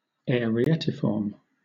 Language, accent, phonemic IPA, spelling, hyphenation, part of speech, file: English, Southern England, /ˌɛəɹiˈɛtɪfɔːm/, arietiform, ari‧e‧ti‧form, adjective, LL-Q1860 (eng)-arietiform.wav
- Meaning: Having the shape of a ram's head or of the astrological symbol of Aries, ⟨♈︎⟩